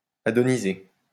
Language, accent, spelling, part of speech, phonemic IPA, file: French, France, adonisé, verb, /a.dɔ.ni.ze/, LL-Q150 (fra)-adonisé.wav
- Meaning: past participle of adoniser